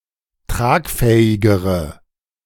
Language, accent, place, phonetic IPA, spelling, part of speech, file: German, Germany, Berlin, [ˈtʁaːkˌfɛːɪɡəʁə], tragfähigere, adjective, De-tragfähigere.ogg
- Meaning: inflection of tragfähig: 1. strong/mixed nominative/accusative feminine singular comparative degree 2. strong nominative/accusative plural comparative degree